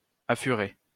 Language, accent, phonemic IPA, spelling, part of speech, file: French, France, /a.fy.ʁe/, affurer, verb, LL-Q150 (fra)-affurer.wav
- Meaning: 1. to win 2. to profit 3. to steal